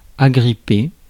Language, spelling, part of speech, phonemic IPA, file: French, agripper, verb, /a.ɡʁi.pe/, Fr-agripper.ogg
- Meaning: to grip, grab, cling on to, grab hold of